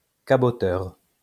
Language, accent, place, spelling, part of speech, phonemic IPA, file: French, France, Lyon, caboteur, noun, /ka.bɔ.tœʁ/, LL-Q150 (fra)-caboteur.wav
- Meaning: coaster